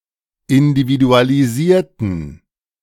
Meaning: inflection of individualisieren: 1. first/third-person plural preterite 2. first/third-person plural subjunctive II
- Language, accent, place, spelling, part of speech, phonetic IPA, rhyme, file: German, Germany, Berlin, individualisierten, adjective / verb, [ɪndividualiˈziːɐ̯tn̩], -iːɐ̯tn̩, De-individualisierten.ogg